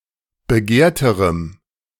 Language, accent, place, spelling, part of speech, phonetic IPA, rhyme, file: German, Germany, Berlin, begehrterem, adjective, [bəˈɡeːɐ̯təʁəm], -eːɐ̯təʁəm, De-begehrterem.ogg
- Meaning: strong dative masculine/neuter singular comparative degree of begehrt